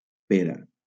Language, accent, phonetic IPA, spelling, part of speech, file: Catalan, Valencia, [ˈpe.ɾa], pera, noun, LL-Q7026 (cat)-pera.wav
- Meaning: 1. pear (fruit) 2. goatee